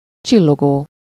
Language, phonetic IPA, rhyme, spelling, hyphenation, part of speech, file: Hungarian, [ˈt͡ʃilːoɡoː], -ɡoː, csillogó, csil‧lo‧gó, verb / adjective, Hu-csillogó.ogg
- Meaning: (verb) present participle of csillog; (adjective) glistening, glittering, sparkling